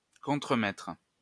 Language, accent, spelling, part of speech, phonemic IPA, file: French, France, contremaitre, noun, /kɔ̃.tʁə.mɛtʁ/, LL-Q150 (fra)-contremaitre.wav
- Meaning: post-1990 spelling of contremaître